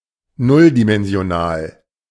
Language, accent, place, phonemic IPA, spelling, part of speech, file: German, Germany, Berlin, /ˈnʊldimɛnzi̯oˌnaːl/, nulldimensional, adjective, De-nulldimensional.ogg
- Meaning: zero-dimensional